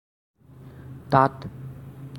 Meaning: there
- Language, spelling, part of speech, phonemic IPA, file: Assamese, তাত, adverb, /tɑt/, As-তাত.ogg